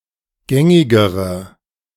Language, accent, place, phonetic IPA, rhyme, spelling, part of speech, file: German, Germany, Berlin, [ˈɡɛŋɪɡəʁə], -ɛŋɪɡəʁə, gängigere, adjective, De-gängigere.ogg
- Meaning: inflection of gängig: 1. strong/mixed nominative/accusative feminine singular comparative degree 2. strong nominative/accusative plural comparative degree